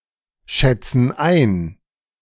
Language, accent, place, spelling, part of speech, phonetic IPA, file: German, Germany, Berlin, schätzen ein, verb, [ˌʃɛt͡sn̩ ˈaɪ̯n], De-schätzen ein.ogg
- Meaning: inflection of einschätzen: 1. first/third-person plural present 2. first/third-person plural subjunctive I